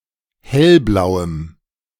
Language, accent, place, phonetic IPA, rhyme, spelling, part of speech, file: German, Germany, Berlin, [ˈhɛlˌblaʊ̯əm], -ɛlblaʊ̯əm, hellblauem, adjective, De-hellblauem.ogg
- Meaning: strong dative masculine/neuter singular of hellblau